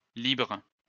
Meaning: plural of libre
- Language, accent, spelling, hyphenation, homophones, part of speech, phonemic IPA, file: French, France, libres, libres, libre, adjective, /libʁ/, LL-Q150 (fra)-libres.wav